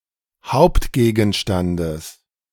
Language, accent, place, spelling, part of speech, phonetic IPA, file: German, Germany, Berlin, Hauptgegenstandes, noun, [ˈhaʊ̯ptɡeːɡn̩ˌʃtandəs], De-Hauptgegenstandes.ogg
- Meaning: genitive singular of Hauptgegenstand